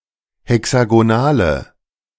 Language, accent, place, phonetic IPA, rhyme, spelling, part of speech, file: German, Germany, Berlin, [hɛksaɡoˈnaːlə], -aːlə, hexagonale, adjective, De-hexagonale.ogg
- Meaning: inflection of hexagonal: 1. strong/mixed nominative/accusative feminine singular 2. strong nominative/accusative plural 3. weak nominative all-gender singular